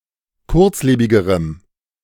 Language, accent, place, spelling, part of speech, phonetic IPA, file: German, Germany, Berlin, kurzlebigerem, adjective, [ˈkʊʁt͡sˌleːbɪɡəʁəm], De-kurzlebigerem.ogg
- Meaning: strong dative masculine/neuter singular comparative degree of kurzlebig